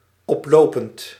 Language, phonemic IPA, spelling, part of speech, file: Dutch, /ˈɔplopənt/, oplopend, verb / adjective, Nl-oplopend.ogg
- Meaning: present participle of oplopen